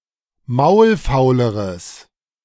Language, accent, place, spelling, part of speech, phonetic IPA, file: German, Germany, Berlin, maulfauleres, adjective, [ˈmaʊ̯lˌfaʊ̯ləʁəs], De-maulfauleres.ogg
- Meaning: strong/mixed nominative/accusative neuter singular comparative degree of maulfaul